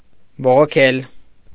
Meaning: 1. to complain 2. to protest
- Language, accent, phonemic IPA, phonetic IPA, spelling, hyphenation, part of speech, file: Armenian, Eastern Armenian, /boʁoˈkʰel/, [boʁokʰél], բողոքել, բո‧ղո‧քել, verb, Hy-բողոքել.ogg